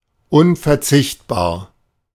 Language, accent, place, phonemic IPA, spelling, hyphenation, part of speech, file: German, Germany, Berlin, /ˌʊnfɛʁˈt͡sɪçtbaːɐ̯/, unverzichtbar, un‧ver‧zicht‧bar, adjective, De-unverzichtbar.ogg
- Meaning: indispensable, essential